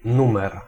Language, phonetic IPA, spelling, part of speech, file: Polish, [ˈnũmɛr], numer, noun, Pl-numer.ogg